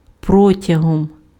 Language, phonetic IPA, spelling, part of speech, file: Ukrainian, [ˈprɔtʲɐɦɔm], протягом, noun / preposition, Uk-протягом.ogg
- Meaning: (noun) instrumental singular of про́тяг (prótjah); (preposition) 1. during, over the course of 2. for (:period of time)